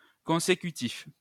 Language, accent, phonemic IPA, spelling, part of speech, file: French, France, /kɔ̃.se.ky.tif/, consécutif, adjective, LL-Q150 (fra)-consécutif.wav
- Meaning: consecutive, successive, sequential